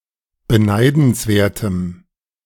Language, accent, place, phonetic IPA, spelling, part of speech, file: German, Germany, Berlin, [bəˈnaɪ̯dn̩sˌveːɐ̯təm], beneidenswertem, adjective, De-beneidenswertem.ogg
- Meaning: strong dative masculine/neuter singular of beneidenswert